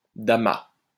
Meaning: damma
- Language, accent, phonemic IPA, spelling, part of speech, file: French, France, /da.ma/, damma, noun, LL-Q150 (fra)-damma.wav